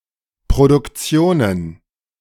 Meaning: plural of Produktion
- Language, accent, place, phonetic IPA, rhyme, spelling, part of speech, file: German, Germany, Berlin, [pʁodʊkˈt͡si̯oːnən], -oːnən, Produktionen, noun, De-Produktionen.ogg